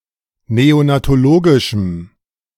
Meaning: strong dative masculine/neuter singular of neonatologisch
- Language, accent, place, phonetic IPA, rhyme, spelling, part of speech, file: German, Germany, Berlin, [ˌneonatoˈloːɡɪʃm̩], -oːɡɪʃm̩, neonatologischem, adjective, De-neonatologischem.ogg